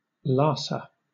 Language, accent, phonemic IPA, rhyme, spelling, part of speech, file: English, Southern England, /ˈlɑːsə/, -ɑːsə, Lhasa, proper noun, LL-Q1860 (eng)-Lhasa.wav
- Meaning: The capital city of the Tibet Autonomous Region, China